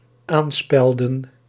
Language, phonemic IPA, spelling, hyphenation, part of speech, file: Dutch, /ˈaːnˌspɛl.də(n)/, aanspelden, aan‧spel‧den, verb, Nl-aanspelden.ogg
- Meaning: to pin to, to affix by pinning